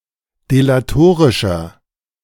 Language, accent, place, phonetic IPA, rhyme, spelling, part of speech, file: German, Germany, Berlin, [delaˈtoːʁɪʃɐ], -oːʁɪʃɐ, delatorischer, adjective, De-delatorischer.ogg
- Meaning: 1. comparative degree of delatorisch 2. inflection of delatorisch: strong/mixed nominative masculine singular 3. inflection of delatorisch: strong genitive/dative feminine singular